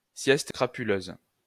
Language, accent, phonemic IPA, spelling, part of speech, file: French, France, /sjɛs.t(ə) kʁa.py.løz/, sieste crapuleuse, noun, LL-Q150 (fra)-sieste crapuleuse.wav
- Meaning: sneaky siesta, afternoon delight, afternoon frolics (nap during which people have sex)